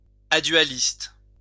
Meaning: without duality
- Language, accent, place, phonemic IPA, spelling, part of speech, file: French, France, Lyon, /a.dɥa.list/, adualiste, adjective, LL-Q150 (fra)-adualiste.wav